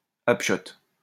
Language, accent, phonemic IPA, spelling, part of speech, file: French, France, /ap.ʃɔt/, hapchot, noun, LL-Q150 (fra)-hapchot.wav
- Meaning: hatchet, small axe (as traditionally used in Landes of Gascony)